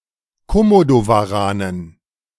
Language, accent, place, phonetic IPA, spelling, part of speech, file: German, Germany, Berlin, [koˈmodovaˌʁaːnən], Komodowaranen, noun, De-Komodowaranen.ogg
- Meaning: dative plural of Komodowaran